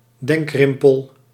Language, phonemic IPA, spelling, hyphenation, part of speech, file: Dutch, /ˈdɛŋkˌrɪm.pəl/, denkrimpel, denk‧rim‧pel, noun, Nl-denkrimpel.ogg
- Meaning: a wrinkle that becomes visible when a person is deep in thought and furrows their forehead, brow in concentration